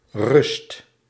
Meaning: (noun) 1. rest, calm, peace 2. half-time; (verb) inflection of rusten: 1. first/second/third-person singular present indicative 2. imperative
- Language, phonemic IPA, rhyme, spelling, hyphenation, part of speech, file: Dutch, /rʏst/, -ʏst, rust, rust, noun / verb, Nl-rust.ogg